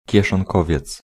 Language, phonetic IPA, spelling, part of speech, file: Polish, [ˌcɛʃɔ̃ŋˈkɔvʲjɛt͡s], kieszonkowiec, noun, Pl-kieszonkowiec.ogg